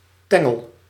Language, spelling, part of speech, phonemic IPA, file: Dutch, tengel, noun / verb, /ˈtɛŋəl/, Nl-tengel.ogg
- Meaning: 1. finger 2. wooden lath used on roofs, in ceilings or walls